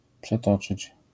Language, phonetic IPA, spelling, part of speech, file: Polish, [pʃɛˈtɔt͡ʃɨt͡ɕ], przetoczyć, verb, LL-Q809 (pol)-przetoczyć.wav